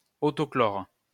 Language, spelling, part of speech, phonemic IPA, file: French, clore, verb, /klɔʁ/, LL-Q150 (fra)-clore.wav
- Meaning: close (put an end to)